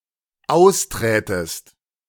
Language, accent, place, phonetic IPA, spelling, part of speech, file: German, Germany, Berlin, [ˈaʊ̯sˌtʁɛːtəst], austrätest, verb, De-austrätest.ogg
- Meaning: second-person singular dependent subjunctive II of austreten